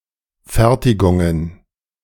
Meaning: plural of Fertigung
- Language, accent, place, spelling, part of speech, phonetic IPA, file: German, Germany, Berlin, Fertigungen, noun, [ˈfɛʁtɪɡʊŋən], De-Fertigungen.ogg